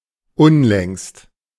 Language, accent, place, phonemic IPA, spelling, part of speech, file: German, Germany, Berlin, /ˈʊnlɛŋst/, unlängst, adverb, De-unlängst.ogg
- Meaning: recently (in the recent past)